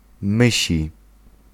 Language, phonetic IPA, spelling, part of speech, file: Polish, [ˈmɨɕi], mysi, adjective, Pl-mysi.ogg